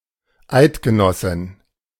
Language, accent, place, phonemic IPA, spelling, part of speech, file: German, Germany, Berlin, /ˈaɪtɡəˌnɔsɪn/, Eidgenossin, noun, De-Eidgenossin.ogg
- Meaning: Swiss woman